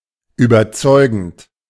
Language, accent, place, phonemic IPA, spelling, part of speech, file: German, Germany, Berlin, /yːbɐˈt͡sɔɪ̯ɡn̩t/, überzeugend, verb / adjective, De-überzeugend.ogg
- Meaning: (verb) present participle of überzeugen; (adjective) convincing